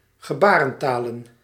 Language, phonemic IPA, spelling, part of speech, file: Dutch, /ɣəˈbarə(n)ˌtalə(n)/, gebarentalen, noun, Nl-gebarentalen.ogg
- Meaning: plural of gebarentaal